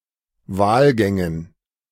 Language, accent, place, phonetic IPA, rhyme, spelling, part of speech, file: German, Germany, Berlin, [ˈvaːlˌɡɛŋən], -aːlɡɛŋən, Wahlgängen, noun, De-Wahlgängen.ogg
- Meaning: dative plural of Wahlgang